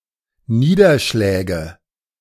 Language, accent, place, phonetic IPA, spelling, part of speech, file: German, Germany, Berlin, [ˈniːdɐˌʃlɛːɡə], Niederschläge, noun, De-Niederschläge.ogg
- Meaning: nominative/accusative/genitive plural of Niederschlag